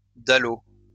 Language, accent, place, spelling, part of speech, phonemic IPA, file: French, France, Lyon, dalot, noun, /da.lo/, LL-Q150 (fra)-dalot.wav
- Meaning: 1. scupper 2. gutter